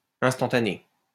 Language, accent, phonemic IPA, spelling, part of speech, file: French, France, /ɛ̃s.tɑ̃.ta.ne/, instantané, adjective / noun, LL-Q150 (fra)-instantané.wav
- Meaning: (adjective) instant; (noun) 1. snap, snapshot 2. snapshot